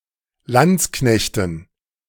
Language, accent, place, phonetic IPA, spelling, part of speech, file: German, Germany, Berlin, [ˈlant͡sˌknɛçtn̩], Landsknechten, noun, De-Landsknechten.ogg
- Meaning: dative plural of Landsknecht